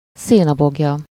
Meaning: haystack
- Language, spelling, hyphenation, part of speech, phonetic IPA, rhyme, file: Hungarian, szénaboglya, szé‧na‧bog‧lya, noun, [ˈseːnɒboɡjɒ], -jɒ, Hu-szénaboglya.ogg